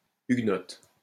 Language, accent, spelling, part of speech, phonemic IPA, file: French, France, huguenotes, adjective, /yɡ.nɔt/, LL-Q150 (fra)-huguenotes.wav
- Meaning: feminine plural of huguenot